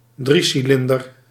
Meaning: 1. a three-cylinder engine 2. a vehicle or vessel with a three-cylinder engine 3. a submarine with a hull consisting of three cylinders
- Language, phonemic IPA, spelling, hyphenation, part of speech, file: Dutch, /ˈdri.siˌlɪn.dər/, driecilinder, drie‧ci‧lin‧der, noun, Nl-driecilinder.ogg